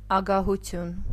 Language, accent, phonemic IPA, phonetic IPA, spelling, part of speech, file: Armenian, Eastern Armenian, /ɑɡɑhuˈtʰjun/, [ɑɡɑhut͡sʰjún], ագահություն, noun, Hy-ագահություն.ogg
- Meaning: greed, avarice